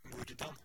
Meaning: how
- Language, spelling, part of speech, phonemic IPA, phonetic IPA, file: Norwegian Bokmål, hvordan, adverb, /ʋʊɾdɑn/, [ʋʊɖɑn], No-hvordan.ogg